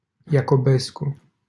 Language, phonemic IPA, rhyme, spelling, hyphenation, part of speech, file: Romanian, /ja.ko.ˈbes.ku/, -esku, Iacobescu, Ia‧co‧bes‧cu, proper noun, LL-Q7913 (ron)-Iacobescu.wav
- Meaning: a surname